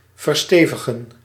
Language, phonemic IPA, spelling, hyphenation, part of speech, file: Dutch, /vərˈsteː.və.ɣə(n)/, verstevigen, ver‧ste‧vi‧gen, verb, Nl-verstevigen.ogg
- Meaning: to solidify, to reinforce